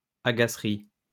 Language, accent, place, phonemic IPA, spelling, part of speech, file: French, France, Lyon, /a.ɡa.sʁi/, agacerie, noun, LL-Q150 (fra)-agacerie.wav
- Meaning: teasing